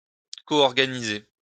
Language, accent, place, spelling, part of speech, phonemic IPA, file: French, France, Lyon, coorganiser, verb, /ko.ɔʁ.ɡa.ni.ze/, LL-Q150 (fra)-coorganiser.wav
- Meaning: to co-organize